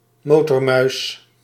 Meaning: 1. a police officer on a motorcycle 2. a biker
- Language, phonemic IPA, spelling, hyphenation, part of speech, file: Dutch, /ˈmoː.tɔrˌmœy̯s/, motormuis, mo‧tor‧muis, noun, Nl-motormuis.ogg